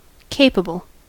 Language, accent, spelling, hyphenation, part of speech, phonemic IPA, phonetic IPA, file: English, US, capable, ca‧pa‧ble, adjective, /ˈkeɪ.pə.bəl/, [ˈkʰeɪ̯.pə.bɫ̩], En-us-capable.ogg
- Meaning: Able and efficient; having the ability needed for a specific task; having the disposition to do something; permitting or being susceptible to something